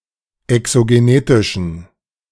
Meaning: inflection of exogenetisch: 1. strong genitive masculine/neuter singular 2. weak/mixed genitive/dative all-gender singular 3. strong/weak/mixed accusative masculine singular 4. strong dative plural
- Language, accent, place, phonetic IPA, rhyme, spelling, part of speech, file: German, Germany, Berlin, [ɛksoɡeˈneːtɪʃn̩], -eːtɪʃn̩, exogenetischen, adjective, De-exogenetischen.ogg